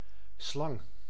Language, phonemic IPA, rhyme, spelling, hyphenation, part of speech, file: Dutch, /slɑŋ/, -ɑŋ, slang, slang, noun, Nl-slang.ogg
- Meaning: 1. snake, squamate of the suborder Serpentes 2. hose (flexible tube)